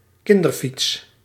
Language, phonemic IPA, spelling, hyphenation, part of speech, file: Dutch, /ˈkɪn.dərˌfits/, kinderfiets, kin‧der‧fiets, noun, Nl-kinderfiets.ogg
- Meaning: a children's bicycle